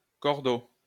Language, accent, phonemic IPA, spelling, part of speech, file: French, France, /kɔʁ.do/, cordeau, noun, LL-Q150 (fra)-cordeau.wav
- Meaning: 1. rope, string (used to mark a straight line) 2. cord (long length of twisted strands of fibre) 3. straight line 4. line, fishing line 5. fuse (cord that conveys fire to an explosive device)